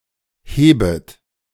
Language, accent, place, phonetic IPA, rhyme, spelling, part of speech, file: German, Germany, Berlin, [ˈheːbət], -eːbət, hebet, verb, De-hebet.ogg
- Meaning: second-person plural subjunctive I of heben